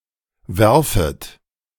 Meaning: second-person plural subjunctive I of werfen
- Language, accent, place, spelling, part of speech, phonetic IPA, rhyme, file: German, Germany, Berlin, werfet, verb, [ˈvɛʁfət], -ɛʁfət, De-werfet.ogg